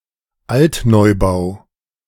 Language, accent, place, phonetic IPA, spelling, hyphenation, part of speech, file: German, Germany, Berlin, [ˈaltnɔɪ̯baʊ̯], Altneubau, Alt‧neu‧bau, noun, De-Altneubau.ogg
- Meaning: new buildings built in the 1950s and 60s, now old